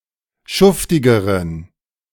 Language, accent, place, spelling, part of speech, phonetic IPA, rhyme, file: German, Germany, Berlin, schuftigeren, adjective, [ˈʃʊftɪɡəʁən], -ʊftɪɡəʁən, De-schuftigeren.ogg
- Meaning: inflection of schuftig: 1. strong genitive masculine/neuter singular comparative degree 2. weak/mixed genitive/dative all-gender singular comparative degree